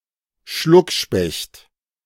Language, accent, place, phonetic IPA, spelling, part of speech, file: German, Germany, Berlin, [ˈʃlʊkˌʃpɛçt], Schluckspecht, noun, De-Schluckspecht.ogg
- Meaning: boozehound, drunk